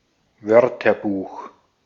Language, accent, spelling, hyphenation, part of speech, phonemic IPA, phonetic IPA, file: German, Austria, Wörterbuch, Wör‧ter‧buch, noun, /ˈvœʁtɐˌbuːx/, [ˈvœɐ̯tɐˌbuːx], De-at-Wörterbuch.ogg
- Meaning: dictionary (reference work with a list of words from one or more languages, and their definitions or translations)